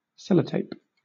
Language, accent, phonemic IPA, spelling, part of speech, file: English, Southern England, /ˈsɛləteɪp/, sellotape, noun / verb, LL-Q1860 (eng)-sellotape.wav
- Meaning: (noun) Adhesive tape; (verb) To seal with adhesive tape